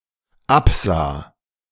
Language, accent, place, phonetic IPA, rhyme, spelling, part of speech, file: German, Germany, Berlin, [ˈapˌzaː], -apzaː, absah, verb, De-absah.ogg
- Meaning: first/third-person singular dependent preterite of absehen